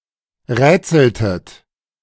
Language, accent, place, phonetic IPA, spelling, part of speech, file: German, Germany, Berlin, [ˈʁɛːt͡sl̩tət], rätseltet, verb, De-rätseltet.ogg
- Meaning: inflection of rätseln: 1. second-person plural preterite 2. second-person plural subjunctive II